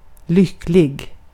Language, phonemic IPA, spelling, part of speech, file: Swedish, /lʏkːlɪ(ɡ)/, lycklig, adjective, Sv-lycklig.ogg
- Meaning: 1. happy, joyous, enjoying peace, comfort, etc.; contented 2. happy, joyous 3. lucky, fortunate 4. successful (whether by chance or not)